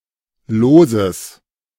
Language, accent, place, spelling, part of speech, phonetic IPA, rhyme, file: German, Germany, Berlin, Loses, noun, [ˈloːzəs], -oːzəs, De-Loses.ogg
- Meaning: genitive singular of Los